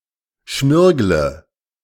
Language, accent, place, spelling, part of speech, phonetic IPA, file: German, Germany, Berlin, schmirgle, verb, [ˈʃmɪʁɡlə], De-schmirgle.ogg
- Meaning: inflection of schmirgeln: 1. first-person singular present 2. first/third-person singular subjunctive I 3. singular imperative